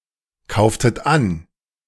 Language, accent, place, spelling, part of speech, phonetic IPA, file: German, Germany, Berlin, kauftet an, verb, [ˌkaʊ̯ftət ˈan], De-kauftet an.ogg
- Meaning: inflection of ankaufen: 1. second-person plural preterite 2. second-person plural subjunctive II